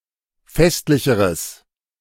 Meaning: strong/mixed nominative/accusative neuter singular comparative degree of festlich
- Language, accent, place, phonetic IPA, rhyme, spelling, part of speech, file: German, Germany, Berlin, [ˈfɛstlɪçəʁəs], -ɛstlɪçəʁəs, festlicheres, adjective, De-festlicheres.ogg